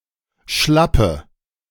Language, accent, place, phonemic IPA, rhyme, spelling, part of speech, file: German, Germany, Berlin, /ˈʃlapə/, -apə, Schlappe, noun, De-Schlappe.ogg
- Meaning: 1. slap 2. defeat, flop, disadvantageous outcome (in a game, election, contest, battle etc.) 3. a baret or hoodie cap hanging down